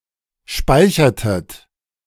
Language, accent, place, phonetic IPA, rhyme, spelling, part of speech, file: German, Germany, Berlin, [ˈʃpaɪ̯çɐtət], -aɪ̯çɐtət, speichertet, verb, De-speichertet.ogg
- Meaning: inflection of speichern: 1. second-person plural preterite 2. second-person plural subjunctive II